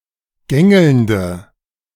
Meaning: present participle of gängeln
- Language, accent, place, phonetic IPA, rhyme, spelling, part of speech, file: German, Germany, Berlin, [ˈɡɛŋl̩nt], -ɛŋl̩nt, gängelnd, verb, De-gängelnd.ogg